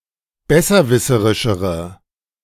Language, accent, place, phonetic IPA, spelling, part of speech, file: German, Germany, Berlin, [ˈbɛsɐˌvɪsəʁɪʃəʁə], besserwisserischere, adjective, De-besserwisserischere.ogg
- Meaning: inflection of besserwisserisch: 1. strong/mixed nominative/accusative feminine singular comparative degree 2. strong nominative/accusative plural comparative degree